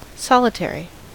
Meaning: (noun) 1. One who lives alone, or in solitude; an anchorite, hermit or recluse 2. Ellipsis of solitary confinement 3. The state of being solitary; solitude
- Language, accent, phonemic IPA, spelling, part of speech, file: English, US, /ˈsɑlɪˌtɛɹi/, solitary, noun / adjective, En-us-solitary.ogg